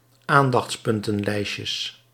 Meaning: plural of aandachtspuntenlijstje
- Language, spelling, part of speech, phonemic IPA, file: Dutch, aandachtspuntenlijstjes, noun, /ˈandɑx(t)sˌpʏntə(n)ˌlɛiscəs/, Nl-aandachtspuntenlijstjes.ogg